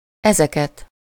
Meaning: accusative plural of ez
- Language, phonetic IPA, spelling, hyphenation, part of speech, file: Hungarian, [ˈɛzɛkɛt], ezeket, eze‧ket, pronoun, Hu-ezeket.ogg